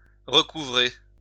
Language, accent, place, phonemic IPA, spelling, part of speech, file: French, France, Lyon, /ʁə.ku.vʁe/, recouvrer, verb, LL-Q150 (fra)-recouvrer.wav
- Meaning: to recover (get back into one's possession)